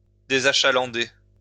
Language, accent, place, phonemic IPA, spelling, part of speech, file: French, France, Lyon, /de.za.ʃa.lɑ̃.de/, désachalander, verb, LL-Q150 (fra)-désachalander.wav
- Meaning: to take away the customers